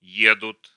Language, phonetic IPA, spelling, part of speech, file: Russian, [ˈjedʊt], едут, verb, Ru-едут.ogg
- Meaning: third-person plural present indicative imperfective of е́хать (jéxatʹ)